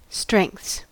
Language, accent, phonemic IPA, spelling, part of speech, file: English, US, /stɹɛŋ(k)θs/, strengths, noun / verb, En-us-strengths.ogg
- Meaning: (noun) plural of strength; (verb) third-person singular simple present indicative of strength